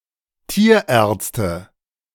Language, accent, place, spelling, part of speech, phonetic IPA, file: German, Germany, Berlin, Tierärzte, noun, [ˈtiːɐˌʔɛːɐ̯t͡stə], De-Tierärzte.ogg
- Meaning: nominative/accusative/genitive plural of Tierarzt